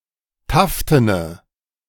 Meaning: inflection of taften: 1. strong/mixed nominative/accusative feminine singular 2. strong nominative/accusative plural 3. weak nominative all-gender singular 4. weak accusative feminine/neuter singular
- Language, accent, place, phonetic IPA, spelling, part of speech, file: German, Germany, Berlin, [ˈtaftənə], taftene, adjective, De-taftene.ogg